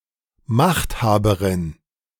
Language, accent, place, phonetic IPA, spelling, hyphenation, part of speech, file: German, Germany, Berlin, [ˈmaχthaːbəʁɪn], Machthaberin, Macht‧ha‧be‧rin, noun, De-Machthaberin.ogg
- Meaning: 1. feminine equivalent of Machthaber m 2. feminine equivalent of Machthaber m: A female ruler 3. feminine equivalent of Machthaber m: A female potentate